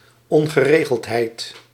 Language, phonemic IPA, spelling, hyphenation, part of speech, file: Dutch, /ˌɔŋ.ɣəˈreː.ɣəlt.ɦɛi̯t/, ongeregeldheid, on‧ge‧re‧geld‧heid, noun, Nl-ongeregeldheid.ogg
- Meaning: 1. state of being unregulated (not organised by rules) 2. public disturbance